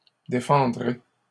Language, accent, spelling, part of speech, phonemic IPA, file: French, Canada, défendrez, verb, /de.fɑ̃.dʁe/, LL-Q150 (fra)-défendrez.wav
- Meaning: second-person plural future of défendre